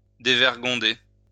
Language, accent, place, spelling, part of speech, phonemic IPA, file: French, France, Lyon, dévergonder, verb, /de.vɛʁ.ɡɔ̃.de/, LL-Q150 (fra)-dévergonder.wav
- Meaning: 1. to break bad, be led astray 2. to debauch, corrupt, pervert